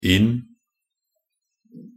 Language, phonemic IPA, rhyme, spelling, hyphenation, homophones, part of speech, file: Norwegian Bokmål, /ɪn/, -ɪn, inn-, inn-, inn / in, prefix, Nb-inn-.ogg